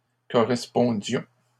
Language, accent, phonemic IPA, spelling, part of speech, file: French, Canada, /kɔ.ʁɛs.pɔ̃.djɔ̃/, correspondions, verb, LL-Q150 (fra)-correspondions.wav
- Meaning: inflection of correspondre: 1. first-person plural imperfect indicative 2. first-person plural present subjunctive